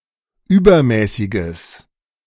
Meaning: strong/mixed nominative/accusative neuter singular of übermäßig
- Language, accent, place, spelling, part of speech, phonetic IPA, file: German, Germany, Berlin, übermäßiges, adjective, [ˈyːbɐˌmɛːsɪɡəs], De-übermäßiges.ogg